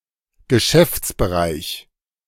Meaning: 1. business area / scope 2. portfolio (political)
- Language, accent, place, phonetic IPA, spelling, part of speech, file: German, Germany, Berlin, [ɡəˈʃɛft͡sbəˌʁaɪ̯ç], Geschäftsbereich, noun, De-Geschäftsbereich.ogg